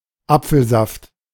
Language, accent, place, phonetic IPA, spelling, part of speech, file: German, Germany, Berlin, [ˈapfl̩zaft], Apfelsaft, noun, De-Apfelsaft.ogg
- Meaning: apple juice